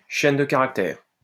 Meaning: string (sequence of characters in computing)
- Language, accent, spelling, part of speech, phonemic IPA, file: French, France, chaîne de caractères, noun, /ʃɛn də ka.ʁak.tɛʁ/, LL-Q150 (fra)-chaîne de caractères.wav